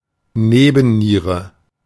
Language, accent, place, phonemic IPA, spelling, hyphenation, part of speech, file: German, Germany, Berlin, /ˈneːbn̩ˌniːʁə/, Nebenniere, Ne‧ben‧nie‧re, noun, De-Nebenniere.ogg
- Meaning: adrenal gland